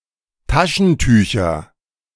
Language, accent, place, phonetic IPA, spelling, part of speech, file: German, Germany, Berlin, [ˈtaʃn̩ˌtyːçɐ], Taschentücher, noun, De-Taschentücher.ogg
- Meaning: nominative/accusative/genitive plural of Taschentuch